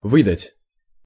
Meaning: 1. to give out, to pay out, to hand, to issue, to distribute 2. to produce 3. to deliver up, to give up, to extradite 4. to betray, to give away 5. to pass off as, to pose as
- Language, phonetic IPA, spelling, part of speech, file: Russian, [ˈvɨdətʲ], выдать, verb, Ru-выдать.ogg